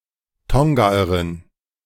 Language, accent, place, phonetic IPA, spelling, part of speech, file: German, Germany, Berlin, [ˈtɔŋɡaːəʁɪn], Tongaerin, noun, De-Tongaerin.ogg
- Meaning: female Tongan